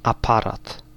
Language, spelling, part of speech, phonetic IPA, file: Polish, aparat, noun, [aˈparat], Pl-aparat.ogg